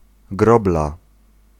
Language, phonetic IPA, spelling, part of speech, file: Polish, [ˈɡrɔbla], grobla, noun, Pl-grobla.ogg